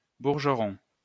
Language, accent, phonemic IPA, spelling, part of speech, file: French, France, /buʁ.ʒə.ʁɔ̃/, bourgeron, noun, LL-Q150 (fra)-bourgeron.wav
- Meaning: 1. a type of short blouson 2. workman's overall